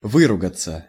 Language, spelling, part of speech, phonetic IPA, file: Russian, выругаться, verb, [ˈvɨrʊɡət͡sə], Ru-выругаться.ogg
- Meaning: 1. to swear, to curse, to use bad language, to call names 2. passive of вы́ругать (výrugatʹ)